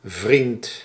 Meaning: 1. friend 2. boyfriend (romantic partner)
- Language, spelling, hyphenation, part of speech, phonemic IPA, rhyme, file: Dutch, vriend, vriend, noun, /vrint/, -int, Nl-vriend.ogg